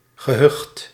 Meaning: hamlet; a tiny settlement, often without a church
- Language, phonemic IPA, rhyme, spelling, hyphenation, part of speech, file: Dutch, /ɣəˈɦʏxt/, -ʏxt, gehucht, ge‧hucht, noun, Nl-gehucht.ogg